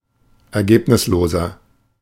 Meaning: 1. comparative degree of ergebnislos 2. inflection of ergebnislos: strong/mixed nominative masculine singular 3. inflection of ergebnislos: strong genitive/dative feminine singular
- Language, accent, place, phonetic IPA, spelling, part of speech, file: German, Germany, Berlin, [ɛɐ̯ˈɡeːpnɪsloːzɐ], ergebnisloser, adjective, De-ergebnisloser.ogg